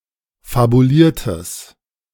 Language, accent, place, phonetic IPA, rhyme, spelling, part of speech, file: German, Germany, Berlin, [fabuˈliːɐ̯təs], -iːɐ̯təs, fabuliertes, adjective, De-fabuliertes.ogg
- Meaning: strong/mixed nominative/accusative neuter singular of fabuliert